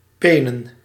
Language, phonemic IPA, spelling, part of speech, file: Dutch, /ˈpenə(n)/, penen, noun, Nl-penen.ogg
- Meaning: plural of peen